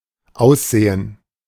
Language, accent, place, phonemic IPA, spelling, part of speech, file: German, Germany, Berlin, /ˈaʊ̯sˌzeːən/, Aussehen, noun, De-Aussehen.ogg
- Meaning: look, appearance